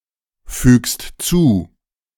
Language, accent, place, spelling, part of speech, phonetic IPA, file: German, Germany, Berlin, fügst zu, verb, [ˌfyːkst ˈt͡suː], De-fügst zu.ogg
- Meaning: second-person singular present of zufügen